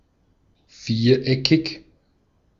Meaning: 1. quadrilateral, having four corners 2. square, socially unrelaxed
- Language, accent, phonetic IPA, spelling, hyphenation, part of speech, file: German, Austria, [ˈfiːɐ̯ˌʔɛkʰɪç], viereckig, vier‧eckig, adjective, De-at-viereckig.ogg